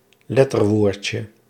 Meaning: diminutive of letterwoord
- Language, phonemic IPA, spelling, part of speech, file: Dutch, /ˈlɛtərˌworcə/, letterwoordje, noun, Nl-letterwoordje.ogg